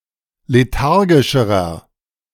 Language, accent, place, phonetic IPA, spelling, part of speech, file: German, Germany, Berlin, [leˈtaʁɡɪʃəʁɐ], lethargischerer, adjective, De-lethargischerer.ogg
- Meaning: inflection of lethargisch: 1. strong/mixed nominative masculine singular comparative degree 2. strong genitive/dative feminine singular comparative degree 3. strong genitive plural comparative degree